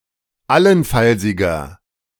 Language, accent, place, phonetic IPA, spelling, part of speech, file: German, Germany, Berlin, [ˈalənˌfalzɪɡɐ], allenfallsiger, adjective, De-allenfallsiger.ogg
- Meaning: inflection of allenfallsig: 1. strong/mixed nominative masculine singular 2. strong genitive/dative feminine singular 3. strong genitive plural